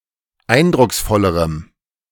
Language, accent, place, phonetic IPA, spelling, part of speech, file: German, Germany, Berlin, [ˈaɪ̯ndʁʊksˌfɔləʁəm], eindrucksvollerem, adjective, De-eindrucksvollerem.ogg
- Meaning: strong dative masculine/neuter singular comparative degree of eindrucksvoll